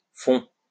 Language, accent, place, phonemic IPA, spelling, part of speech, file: French, France, Lyon, /fɔ̃/, fonts, noun, LL-Q150 (fra)-fonts.wav
- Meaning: church font, as that used for baptism